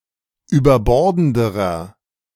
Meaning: inflection of überbordend: 1. strong/mixed nominative masculine singular comparative degree 2. strong genitive/dative feminine singular comparative degree 3. strong genitive plural comparative degree
- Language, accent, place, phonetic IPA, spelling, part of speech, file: German, Germany, Berlin, [yːbɐˈbɔʁdn̩dəʁɐ], überbordenderer, adjective, De-überbordenderer.ogg